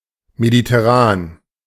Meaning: Mediterranean
- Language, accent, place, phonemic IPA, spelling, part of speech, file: German, Germany, Berlin, /meditɛˈʁaːn/, mediterran, adjective, De-mediterran.ogg